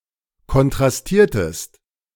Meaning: inflection of kontrastieren: 1. second-person singular preterite 2. second-person singular subjunctive II
- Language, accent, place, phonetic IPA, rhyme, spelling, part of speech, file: German, Germany, Berlin, [kɔntʁasˈtiːɐ̯təst], -iːɐ̯təst, kontrastiertest, verb, De-kontrastiertest.ogg